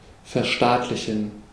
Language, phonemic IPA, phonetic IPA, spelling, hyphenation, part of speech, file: German, /fɛʁˈʃtaːtlɪçən/, [fɛɐ̯ˈʃtaːtlɪçn̩], verstaatlichen, ver‧staat‧li‧chen, verb, De-verstaatlichen.ogg
- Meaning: to nationalize, to socialize